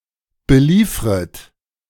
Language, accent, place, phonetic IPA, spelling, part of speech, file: German, Germany, Berlin, [bəˈliːfʁət], beliefret, verb, De-beliefret.ogg
- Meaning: second-person plural subjunctive I of beliefern